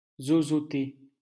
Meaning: to lisp
- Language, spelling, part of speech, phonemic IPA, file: French, zozoter, verb, /zɔ.zɔ.te/, LL-Q150 (fra)-zozoter.wav